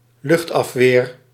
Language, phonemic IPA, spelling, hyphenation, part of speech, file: Dutch, /ˈlʏxtˌɑf.ʋeːr/, luchtafweer, lucht‧af‧weer, noun, Nl-luchtafweer.ogg
- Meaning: antiair defence